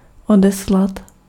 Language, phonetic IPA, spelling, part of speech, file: Czech, [ˈodɛslat], odeslat, verb, Cs-odeslat.ogg
- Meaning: to send